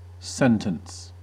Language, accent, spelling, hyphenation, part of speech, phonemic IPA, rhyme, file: English, US, sentence, sen‧tence, noun / verb, /ˈsɛn.təns/, -ɛntəns, En-us-sentence.ogg
- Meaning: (noun) 1. The decision or judgement of a jury or court; a verdict 2. The judicial order for a punishment to be imposed on a person convicted of a crime